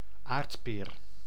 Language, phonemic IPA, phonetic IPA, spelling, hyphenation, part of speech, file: Dutch, /ˈaːrtpeːr/, [ˈaːrtpɪːr], aardpeer, aard‧peer, noun, Nl-aardpeer.ogg
- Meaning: Jerusalem artichoke (plant and tuber)